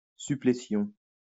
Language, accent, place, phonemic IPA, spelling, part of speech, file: French, France, Lyon, /sy.ple.sjɔ̃/, supplétion, noun, LL-Q150 (fra)-supplétion.wav
- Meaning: suppletion